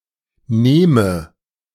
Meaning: inflection of nehmen: 1. first-person singular present 2. first/third-person singular subjunctive I
- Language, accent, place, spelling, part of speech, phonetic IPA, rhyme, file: German, Germany, Berlin, nehme, verb, [ˈneːmə], -eːmə, De-nehme.ogg